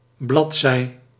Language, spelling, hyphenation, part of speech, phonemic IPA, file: Dutch, bladzij, blad‧zij, noun, /ˈblɑt.sɛi̯/, Nl-bladzij.ogg
- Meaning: alternative form of bladzijde